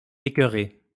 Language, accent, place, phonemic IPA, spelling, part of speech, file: French, France, Lyon, /e.kœ.ʁe/, écoeurer, verb, LL-Q150 (fra)-écoeurer.wav
- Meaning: nonstandard spelling of écœurer